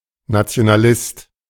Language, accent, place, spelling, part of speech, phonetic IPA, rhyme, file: German, Germany, Berlin, Nationalist, noun, [nat͡si̯onaˈlɪst], -ɪst, De-Nationalist.ogg
- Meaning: nationalist